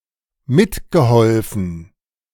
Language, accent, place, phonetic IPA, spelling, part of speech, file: German, Germany, Berlin, [ˈmɪtɡəˌhɔlfn̩], mitgeholfen, verb, De-mitgeholfen.ogg
- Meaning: past participle of mithelfen